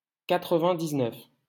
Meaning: ninety-nine (cardinal number 99)
- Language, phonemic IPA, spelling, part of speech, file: French, /ka.tʁ(ə).vɛ̃.diz.nœf/, quatre-vingt-dix-neuf, noun, LL-Q150 (fra)-quatre-vingt-dix-neuf.wav